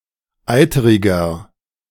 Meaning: 1. comparative degree of eiterig 2. inflection of eiterig: strong/mixed nominative masculine singular 3. inflection of eiterig: strong genitive/dative feminine singular
- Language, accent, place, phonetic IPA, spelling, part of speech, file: German, Germany, Berlin, [ˈaɪ̯təʁɪɡɐ], eiteriger, adjective, De-eiteriger.ogg